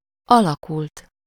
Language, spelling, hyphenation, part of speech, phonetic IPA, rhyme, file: Hungarian, alakult, ala‧kult, verb, [ˈɒlɒkult], -ult, Hu-alakult.ogg
- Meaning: 1. third-person singular past of alakul 2. past participle of alakul: formed